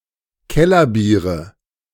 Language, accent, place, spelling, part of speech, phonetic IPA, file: German, Germany, Berlin, Kellerbiere, noun, [ˈkɛlɐˌbiːʁə], De-Kellerbiere.ogg
- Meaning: nominative/accusative/genitive plural of Kellerbier